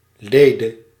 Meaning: singular past subjunctive of lijden
- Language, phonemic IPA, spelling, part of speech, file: Dutch, /ˈledə/, lede, noun / adjective, Nl-lede.ogg